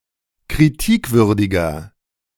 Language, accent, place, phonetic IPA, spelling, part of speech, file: German, Germany, Berlin, [kʁiˈtiːkˌvʏʁdɪɡɐ], kritikwürdiger, adjective, De-kritikwürdiger.ogg
- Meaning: 1. comparative degree of kritikwürdig 2. inflection of kritikwürdig: strong/mixed nominative masculine singular 3. inflection of kritikwürdig: strong genitive/dative feminine singular